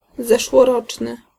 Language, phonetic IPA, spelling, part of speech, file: Polish, [ˌzɛʃwɔˈrɔt͡ʃnɨ], zeszłoroczny, adjective, Pl-zeszłoroczny.ogg